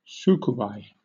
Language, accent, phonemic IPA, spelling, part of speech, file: English, Southern England, /ˈ(t)suːkuːˌbaɪ/, tsukubai, noun, LL-Q1860 (eng)-tsukubai.wav
- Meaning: A small basin, usually of stone, used for ritual ablution in Japanese Buddhist temples and before the tea ceremony